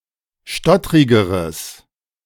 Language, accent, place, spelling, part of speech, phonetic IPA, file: German, Germany, Berlin, stottrigeres, adjective, [ˈʃtɔtʁɪɡəʁəs], De-stottrigeres.ogg
- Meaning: strong/mixed nominative/accusative neuter singular comparative degree of stottrig